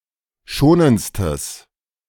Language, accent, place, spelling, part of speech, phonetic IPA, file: German, Germany, Berlin, schonendstes, adjective, [ˈʃoːnənt͡stəs], De-schonendstes.ogg
- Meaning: strong/mixed nominative/accusative neuter singular superlative degree of schonend